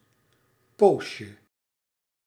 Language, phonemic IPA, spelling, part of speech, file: Dutch, /ˈpoʃə/, poosje, noun, Nl-poosje.ogg
- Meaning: diminutive of poos